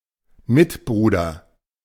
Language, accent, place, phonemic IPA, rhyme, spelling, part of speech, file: German, Germany, Berlin, /ˈmɪtˌbʁuːdɐ/, -uːdɐ, Mitbruder, noun, De-Mitbruder.ogg
- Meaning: 1. a brother in the faith, especially a fellow member of the Catholic clergy or a fellow monk 2. a fellow human being; male in the singular, also generic in the plural